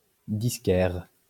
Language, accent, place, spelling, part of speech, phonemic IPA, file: French, France, Lyon, disquaire, noun, /dis.kɛʁ/, LL-Q150 (fra)-disquaire.wav
- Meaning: record dealer (one who sells music records)